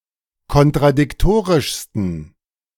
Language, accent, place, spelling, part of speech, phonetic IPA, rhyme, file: German, Germany, Berlin, kontradiktorischsten, adjective, [kɔntʁadɪkˈtoːʁɪʃstn̩], -oːʁɪʃstn̩, De-kontradiktorischsten.ogg
- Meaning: 1. superlative degree of kontradiktorisch 2. inflection of kontradiktorisch: strong genitive masculine/neuter singular superlative degree